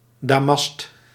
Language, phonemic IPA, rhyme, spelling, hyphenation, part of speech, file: Dutch, /daːˈmɑst/, -ɑst, damast, da‧mast, noun / adjective, Nl-damast.ogg
- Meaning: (noun) 1. the fabric damask 2. a similarly decorative, 'floral' pattern, notably made on finely worked metal using mordant chemicals; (adjective) alternative form of damasten 'made of damask'